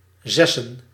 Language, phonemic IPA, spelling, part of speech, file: Dutch, /ˈzɛsə(n)/, zessen, noun, Nl-zessen.ogg
- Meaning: 1. plural of zes 2. dative singular of zes